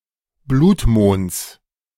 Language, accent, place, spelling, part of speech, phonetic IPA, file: German, Germany, Berlin, Blutmonds, noun, [ˈbluːtˌmoːnt͡s], De-Blutmonds.ogg
- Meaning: genitive singular of Blutmond